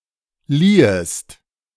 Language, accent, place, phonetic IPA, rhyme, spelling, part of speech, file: German, Germany, Berlin, [ˈliːəst], -iːəst, liehest, verb, De-liehest.ogg
- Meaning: second-person singular subjunctive II of leihen